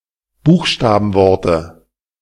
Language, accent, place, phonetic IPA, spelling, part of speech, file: German, Germany, Berlin, [ˈbuːxʃtaːbn̩ˌvɔʁtə], Buchstabenworte, noun, De-Buchstabenworte.ogg
- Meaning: dative singular of Buchstabenwort